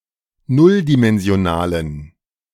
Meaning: inflection of nulldimensional: 1. strong genitive masculine/neuter singular 2. weak/mixed genitive/dative all-gender singular 3. strong/weak/mixed accusative masculine singular 4. strong dative plural
- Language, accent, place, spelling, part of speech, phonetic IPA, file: German, Germany, Berlin, nulldimensionalen, adjective, [ˈnʊldimɛnzi̯oˌnaːlən], De-nulldimensionalen.ogg